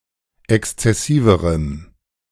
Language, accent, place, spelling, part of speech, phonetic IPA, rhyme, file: German, Germany, Berlin, exzessiverem, adjective, [ˌɛkst͡sɛˈsiːvəʁəm], -iːvəʁəm, De-exzessiverem.ogg
- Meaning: strong dative masculine/neuter singular comparative degree of exzessiv